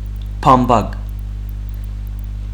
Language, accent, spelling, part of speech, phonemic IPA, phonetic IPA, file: Armenian, Western Armenian, բամբակ, noun, /pɑmˈpɑɡ/, [pʰɑmpʰɑ́ɡ], HyW-բամբակ.ogg
- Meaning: 1. cotton (fiber) 2. absorbent cotton, cotton wool, wadding, batting 3. candy floss, cotton candy, fairy floss